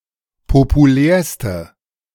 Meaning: inflection of populär: 1. strong/mixed nominative/accusative feminine singular superlative degree 2. strong nominative/accusative plural superlative degree
- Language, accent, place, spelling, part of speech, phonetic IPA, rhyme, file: German, Germany, Berlin, populärste, adjective, [popuˈlɛːɐ̯stə], -ɛːɐ̯stə, De-populärste.ogg